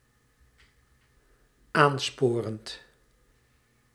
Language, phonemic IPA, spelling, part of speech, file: Dutch, /ˈansporənt/, aansporend, verb, Nl-aansporend.ogg
- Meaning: present participle of aansporen